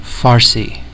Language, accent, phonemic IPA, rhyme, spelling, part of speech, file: English, US, /ˈfɑː(ɹ)si/, -ɑː(ɹ)si, Farsi, proper noun / adjective, En-us-Farsi.ogg
- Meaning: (proper noun) 1. Synonym of Persian (the language) 2. Iranian Persian, as opposed to Dari (Afghan Persian) and Tajik (Tajik Persian) 3. Synonym of Hijra Farsi; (adjective) Persian